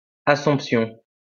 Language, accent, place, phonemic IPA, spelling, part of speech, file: French, France, Lyon, /a.sɔ̃p.sjɔ̃/, Assomption, proper noun, LL-Q150 (fra)-Assomption.wav
- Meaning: Assumption